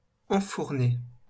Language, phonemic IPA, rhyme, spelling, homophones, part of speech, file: French, /ɑ̃.fuʁ.ne/, -e, enfourner, enfournai / enfourné / enfournée / enfournées / enfournés, verb, LL-Q150 (fra)-enfourner.wav
- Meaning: to put in the oven